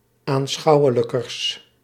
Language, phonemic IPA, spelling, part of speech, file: Dutch, /anˈsxɑuwələkərs/, aanschouwelijkers, adjective, Nl-aanschouwelijkers.ogg
- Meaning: partitive of aanschouwelijker, the comparative degree of aanschouwelijk